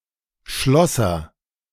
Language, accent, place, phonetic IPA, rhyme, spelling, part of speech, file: German, Germany, Berlin, [ˈʃlɔsɐ], -ɔsɐ, schlosser, verb, De-schlosser.ogg
- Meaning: inflection of schlossern: 1. first-person singular present 2. singular imperative